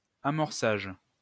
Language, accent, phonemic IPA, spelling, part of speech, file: French, France, /a.mɔʁ.saʒ/, amorçage, noun, LL-Q150 (fra)-amorçage.wav
- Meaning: 1. priming 2. booting 3. sparkover